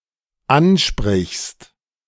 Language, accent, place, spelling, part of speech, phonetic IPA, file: German, Germany, Berlin, ansprichst, verb, [ˈanˌʃpʁɪçst], De-ansprichst.ogg
- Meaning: second-person singular dependent present of ansprechen